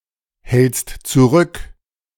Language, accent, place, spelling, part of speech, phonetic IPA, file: German, Germany, Berlin, hältst zurück, verb, [ˌhɛlt͡st t͡suˈʁʏk], De-hältst zurück.ogg
- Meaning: second-person singular present of zurückhalten